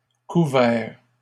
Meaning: plural of couvert
- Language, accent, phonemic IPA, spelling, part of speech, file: French, Canada, /ku.vɛʁ/, couverts, noun, LL-Q150 (fra)-couverts.wav